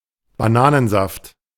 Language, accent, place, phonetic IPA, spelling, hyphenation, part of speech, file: German, Germany, Berlin, [baˈnaːnənˌzaft], Bananensaft, Ba‧na‧nen‧saft, noun, De-Bananensaft.ogg
- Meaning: banana juice